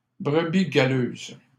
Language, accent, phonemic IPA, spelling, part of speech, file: French, Canada, /bʁə.bi ɡa.løz/, brebis galeuses, noun, LL-Q150 (fra)-brebis galeuses.wav
- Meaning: plural of brebis galeuse